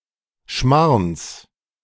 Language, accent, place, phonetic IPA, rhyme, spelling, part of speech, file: German, Germany, Berlin, [ʃmaʁns], -aʁns, Schmarrns, noun, De-Schmarrns.ogg
- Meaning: genitive singular of Schmarrn